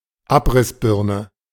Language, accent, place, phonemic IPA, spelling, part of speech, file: German, Germany, Berlin, /ˈapʁɪsˌbɪʁnə/, Abrissbirne, noun, De-Abrissbirne.ogg
- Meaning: wrecking ball